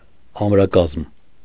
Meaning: sturdy, stalwart; well-built, firm
- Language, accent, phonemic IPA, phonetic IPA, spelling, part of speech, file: Armenian, Eastern Armenian, /ɑmɾɑˈkɑzm/, [ɑmɾɑkɑ́zm], ամրակազմ, adjective, Hy-ամրակազմ.ogg